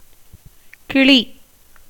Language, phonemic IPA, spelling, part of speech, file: Tamil, /kɪɭiː/, கிளி, noun, Ta-கிளி.ogg
- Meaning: 1. parrot, parakeet 2. rose-ringed parakeet (Psittacula krameri) 3. grasshopper, locust